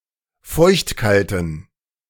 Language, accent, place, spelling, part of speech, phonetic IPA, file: German, Germany, Berlin, feuchtkalten, adjective, [ˈfɔɪ̯çtˌkaltn̩], De-feuchtkalten.ogg
- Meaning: inflection of feuchtkalt: 1. strong genitive masculine/neuter singular 2. weak/mixed genitive/dative all-gender singular 3. strong/weak/mixed accusative masculine singular 4. strong dative plural